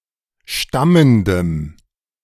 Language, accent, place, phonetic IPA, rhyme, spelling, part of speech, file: German, Germany, Berlin, [ˈʃtaməndəm], -aməndəm, stammendem, adjective, De-stammendem.ogg
- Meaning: strong dative masculine/neuter singular of stammend